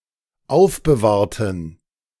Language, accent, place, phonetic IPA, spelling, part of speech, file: German, Germany, Berlin, [ˈaʊ̯fbəˌvaːɐ̯tn̩], aufbewahrten, adjective / verb, De-aufbewahrten.ogg
- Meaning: inflection of aufbewahrt: 1. strong genitive masculine/neuter singular 2. weak/mixed genitive/dative all-gender singular 3. strong/weak/mixed accusative masculine singular 4. strong dative plural